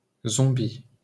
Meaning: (noun) zombie (undead person); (adjective) zombie
- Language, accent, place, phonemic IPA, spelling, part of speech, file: French, France, Paris, /zɔ̃.bi/, zombi, noun / adjective, LL-Q150 (fra)-zombi.wav